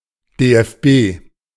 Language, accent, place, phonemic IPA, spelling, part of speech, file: German, Germany, Berlin, /deːɛfˈbeː/, DFB, proper noun, De-DFB.ogg
- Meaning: initialism of Deutscher Fußball-Bund